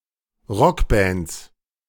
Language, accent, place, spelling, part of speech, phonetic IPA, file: German, Germany, Berlin, Rockbands, noun, [ˈʁɔkˌbɛnt͡s], De-Rockbands.ogg
- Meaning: 1. plural of Rockband (“rock band”) 2. genitive singular of Rockband (“skirt belt”)